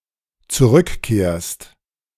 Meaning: second-person singular dependent present of zurückkehren
- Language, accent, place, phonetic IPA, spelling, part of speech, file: German, Germany, Berlin, [t͡suˈʁʏkˌkeːɐ̯st], zurückkehrst, verb, De-zurückkehrst.ogg